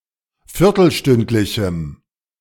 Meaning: strong dative masculine/neuter singular of viertelstündlich
- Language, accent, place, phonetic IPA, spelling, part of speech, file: German, Germany, Berlin, [ˈfɪʁtl̩ˌʃtʏntlɪçm̩], viertelstündlichem, adjective, De-viertelstündlichem.ogg